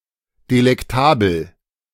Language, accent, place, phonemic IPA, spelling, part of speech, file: German, Germany, Berlin, /delɛkˈtaːbl̩/, delektabel, adjective, De-delektabel.ogg
- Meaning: delectable, delightful